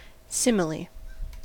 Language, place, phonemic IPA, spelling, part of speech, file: English, California, /ˈsɪməli/, simile, noun, En-us-simile.ogg
- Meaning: 1. A figure of speech in which one thing is explicitly compared to another, using e.g. like or as 2. Similarity or resemblance to something else; likeness, similitude